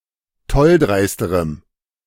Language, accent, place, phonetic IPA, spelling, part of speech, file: German, Germany, Berlin, [ˈtɔlˌdʁaɪ̯stəʁəm], tolldreisterem, adjective, De-tolldreisterem.ogg
- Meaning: strong dative masculine/neuter singular comparative degree of tolldreist